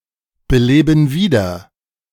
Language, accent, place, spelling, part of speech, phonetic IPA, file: German, Germany, Berlin, beleben wieder, verb, [bəˌleːbn̩ ˈviːdɐ], De-beleben wieder.ogg
- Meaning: inflection of wiederbeleben: 1. first/third-person plural present 2. first/third-person plural subjunctive I